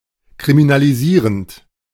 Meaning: present participle of kriminalisieren
- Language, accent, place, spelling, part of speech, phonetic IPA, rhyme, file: German, Germany, Berlin, kriminalisierend, verb, [kʁiminaliˈziːʁənt], -iːʁənt, De-kriminalisierend.ogg